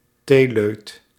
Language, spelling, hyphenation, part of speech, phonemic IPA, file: Dutch, theeleut, thee‧leut, noun, /ˈteː.løːt/, Nl-theeleut.ogg
- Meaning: someone who drinks a lot of tea